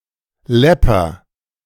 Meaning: inflection of läppern: 1. first-person singular present 2. singular imperative
- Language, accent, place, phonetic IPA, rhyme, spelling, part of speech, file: German, Germany, Berlin, [ˈlɛpɐ], -ɛpɐ, läpper, verb, De-läpper.ogg